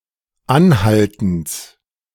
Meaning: genitive of Anhalten
- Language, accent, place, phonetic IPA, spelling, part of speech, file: German, Germany, Berlin, [ˈanˌhaltn̩s], Anhaltens, noun, De-Anhaltens.ogg